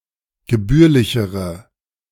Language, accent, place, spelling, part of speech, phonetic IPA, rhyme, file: German, Germany, Berlin, gebührlichere, adjective, [ɡəˈbyːɐ̯lɪçəʁə], -yːɐ̯lɪçəʁə, De-gebührlichere.ogg
- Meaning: inflection of gebührlich: 1. strong/mixed nominative/accusative feminine singular comparative degree 2. strong nominative/accusative plural comparative degree